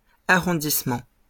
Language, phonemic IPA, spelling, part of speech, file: French, /a.ʁɔ̃.dis.mɑ̃/, arrondissements, noun, LL-Q150 (fra)-arrondissements.wav
- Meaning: plural of arrondissement